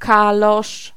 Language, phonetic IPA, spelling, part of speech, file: Polish, [ˈkalɔʃ], kalosz, noun, Pl-kalosz.ogg